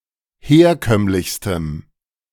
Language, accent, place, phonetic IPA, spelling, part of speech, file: German, Germany, Berlin, [ˈheːɐ̯ˌkœmlɪçstəm], herkömmlichstem, adjective, De-herkömmlichstem.ogg
- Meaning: strong dative masculine/neuter singular superlative degree of herkömmlich